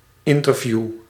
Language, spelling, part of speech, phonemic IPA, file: Dutch, interview, noun / verb, /ˈɪn.tərˌvju/, Nl-interview.ogg
- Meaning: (noun) interview (conversation intended for recording statements for publication); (verb) inflection of interviewen: first-person singular present indicative